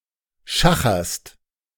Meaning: second-person singular present of schachern
- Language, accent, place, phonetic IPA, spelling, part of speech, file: German, Germany, Berlin, [ˈʃaxɐst], schacherst, verb, De-schacherst.ogg